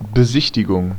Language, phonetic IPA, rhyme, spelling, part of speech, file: German, [bəˈzɪçtɪɡʊŋ], -ɪçtɪɡʊŋ, Besichtigung, noun, De-Besichtigung.ogg
- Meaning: 1. inspection 2. viewing 3. sightseeing